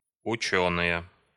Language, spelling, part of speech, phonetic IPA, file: Russian, учёные, noun, [ʊˈt͡ɕɵnɨje], Ru-учёные.ogg
- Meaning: nominative plural of учёный (učónyj)